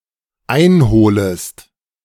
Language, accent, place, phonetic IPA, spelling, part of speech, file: German, Germany, Berlin, [ˈaɪ̯nˌhoːləst], einholest, verb, De-einholest.ogg
- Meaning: second-person singular dependent subjunctive I of einholen